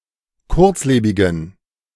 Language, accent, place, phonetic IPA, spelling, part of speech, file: German, Germany, Berlin, [ˈkʊʁt͡sˌleːbɪɡn̩], kurzlebigen, adjective, De-kurzlebigen.ogg
- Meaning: inflection of kurzlebig: 1. strong genitive masculine/neuter singular 2. weak/mixed genitive/dative all-gender singular 3. strong/weak/mixed accusative masculine singular 4. strong dative plural